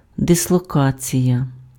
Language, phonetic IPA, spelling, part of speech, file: Ukrainian, [desɫɔˈkat͡sʲijɐ], дислокація, noun, Uk-дислокація.ogg
- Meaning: dislocation